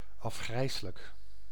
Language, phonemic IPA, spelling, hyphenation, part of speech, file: Dutch, /ˌɑfˈxrɛi̯.sə.lək/, afgrijselijk, af‧grij‧se‧lijk, adjective / adverb, Nl-afgrijselijk.ogg
- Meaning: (adjective) heinous, horrible; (adverb) heinously, horribly (used as an intensifier)